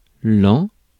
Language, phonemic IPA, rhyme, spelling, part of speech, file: French, /lɑ̃/, -ɑ̃, lent, adjective, Fr-lent.ogg
- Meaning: slow